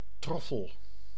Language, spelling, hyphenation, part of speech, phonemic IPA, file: Dutch, troffel, trof‧fel, noun, /ˈtrɔfəl/, Nl-troffel.ogg
- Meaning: 1. trowel 2. scoop of resembling shape, as used for gardening 3. blow, hit 4. beating